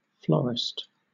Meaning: 1. A person who sells flowers 2. A person who cultivates flowers 3. A person who studies or writes about flowers 4. A florist's shop
- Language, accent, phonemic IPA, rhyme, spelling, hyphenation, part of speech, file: English, Southern England, /ˈflɒɹɪst/, -ɒɹɪst, florist, flor‧ist, noun, LL-Q1860 (eng)-florist.wav